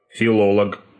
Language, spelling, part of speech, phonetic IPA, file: Russian, филолог, noun, [fʲɪˈɫoɫək], Ru-филолог.ogg
- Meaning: philologist (male or female)